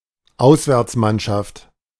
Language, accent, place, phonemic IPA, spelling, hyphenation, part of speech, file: German, Germany, Berlin, /ˈaʊ̯svɛʁt͡smanʃaft/, Auswärtsmannschaft, Aus‧wärts‧mann‧schaft, noun, De-Auswärtsmannschaft.ogg
- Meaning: away team, away side, visiting team